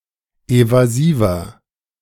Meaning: 1. comparative degree of evasiv 2. inflection of evasiv: strong/mixed nominative masculine singular 3. inflection of evasiv: strong genitive/dative feminine singular
- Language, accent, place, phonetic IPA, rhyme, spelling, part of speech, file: German, Germany, Berlin, [ˌevaˈziːvɐ], -iːvɐ, evasiver, adjective, De-evasiver.ogg